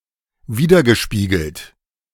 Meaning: past participle of widerspiegeln
- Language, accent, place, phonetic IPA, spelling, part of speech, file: German, Germany, Berlin, [ˈviːdɐɡəˌʃpiːɡl̩t], widergespiegelt, verb, De-widergespiegelt.ogg